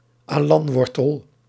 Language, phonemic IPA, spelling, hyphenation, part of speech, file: Dutch, /ˈaː.lɑntˌʋɔr.təl/, alantwortel, alant‧wor‧tel, noun, Nl-alantwortel.ogg
- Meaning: alternative form of alantswortel